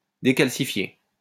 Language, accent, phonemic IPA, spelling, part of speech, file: French, France, /de.kal.si.fje/, décalcifié, verb, LL-Q150 (fra)-décalcifié.wav
- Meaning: past participle of décalcifier